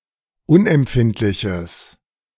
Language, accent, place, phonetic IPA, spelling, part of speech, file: German, Germany, Berlin, [ˈʊnʔɛmˌpfɪntlɪçəs], unempfindliches, adjective, De-unempfindliches.ogg
- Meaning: strong/mixed nominative/accusative neuter singular of unempfindlich